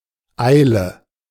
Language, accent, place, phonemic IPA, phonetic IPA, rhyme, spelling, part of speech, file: German, Germany, Berlin, /ˈaɪ̯lə/, [ˈʔaɪ̯.lə], -aɪ̯lə, Eile, noun, De-Eile.ogg
- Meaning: hurry